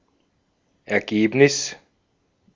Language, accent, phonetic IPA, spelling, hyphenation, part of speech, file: German, Austria, [ɛɐ̯ˈɡeːpnɪs], Ergebnis, Er‧geb‧nis, noun, De-at-Ergebnis.ogg
- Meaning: 1. result, outcome, conclusion, finding, fruit, consequence, upshot, answer 2. earnings, profit, output, outturn 3. score